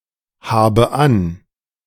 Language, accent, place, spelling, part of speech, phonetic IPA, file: German, Germany, Berlin, habe an, verb, [ˌhaːbə ˈan], De-habe an.ogg
- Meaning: inflection of anhaben: 1. first-person singular present 2. first/third-person singular subjunctive I 3. singular imperative